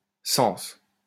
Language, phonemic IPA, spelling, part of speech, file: French, /sɑ̃s/, cens, noun, LL-Q150 (fra)-cens.wav
- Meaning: 1. census 2. feu-duty (annual rent paid by a tenant of a fief to his feudal lord)